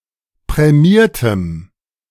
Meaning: strong dative masculine/neuter singular of prämiert
- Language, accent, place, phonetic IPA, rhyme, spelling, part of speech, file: German, Germany, Berlin, [pʁɛˈmiːɐ̯təm], -iːɐ̯təm, prämiertem, adjective, De-prämiertem.ogg